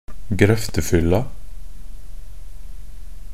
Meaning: definite feminine singular of grøftefyll
- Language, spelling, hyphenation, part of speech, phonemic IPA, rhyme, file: Norwegian Bokmål, grøftefylla, grøf‧te‧fyl‧la, noun, /ɡrœftəfʏlːa/, -ʏlːa, Nb-grøftefylla.ogg